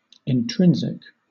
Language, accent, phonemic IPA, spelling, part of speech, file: English, Southern England, /ɪnˈtɹɪn.zɪk/, intrinsic, adjective / noun, LL-Q1860 (eng)-intrinsic.wav
- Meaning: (adjective) 1. Innate, inherent, inseparable from the thing itself, essential 2. Situated, produced, secreted in, or coming from inside an organ, tissue, muscle or member 3. Built-in